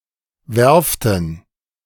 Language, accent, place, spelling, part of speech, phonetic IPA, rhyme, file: German, Germany, Berlin, Werften, noun, [ˈvɛʁftn̩], -ɛʁftn̩, De-Werften.ogg
- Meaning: plural of Werft